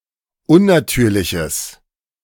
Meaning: strong/mixed nominative/accusative neuter singular of unnatürlich
- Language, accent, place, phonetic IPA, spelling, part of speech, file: German, Germany, Berlin, [ˈʊnnaˌtyːɐ̯lɪçəs], unnatürliches, adjective, De-unnatürliches.ogg